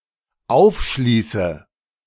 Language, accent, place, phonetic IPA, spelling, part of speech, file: German, Germany, Berlin, [ˈaʊ̯fˌʃliːsə], aufschließe, verb, De-aufschließe.ogg
- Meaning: inflection of aufschließen: 1. first-person singular dependent present 2. first/third-person singular dependent subjunctive I